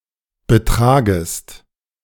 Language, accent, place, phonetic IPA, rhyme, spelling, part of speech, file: German, Germany, Berlin, [bəˈtʁaːɡəst], -aːɡəst, betragest, verb, De-betragest.ogg
- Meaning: second-person singular subjunctive I of betragen